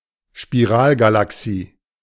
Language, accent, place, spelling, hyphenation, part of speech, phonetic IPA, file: German, Germany, Berlin, Spiralgalaxie, Spi‧ral‧ga‧la‧xie, noun, [ʃpiˈʁaːlɡalaˌksiː], De-Spiralgalaxie.ogg
- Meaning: spiral galaxy